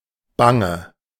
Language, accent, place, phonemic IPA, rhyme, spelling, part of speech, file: German, Germany, Berlin, /ˈbaŋə/, -aŋə, bange, adjective / verb, De-bange.ogg
- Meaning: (adjective) 1. alternative form of bang 2. inflection of bang: strong/mixed nominative/accusative feminine singular 3. inflection of bang: strong nominative/accusative plural